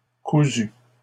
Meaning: feminine singular of cousu
- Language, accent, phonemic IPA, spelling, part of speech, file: French, Canada, /ku.zy/, cousue, verb, LL-Q150 (fra)-cousue.wav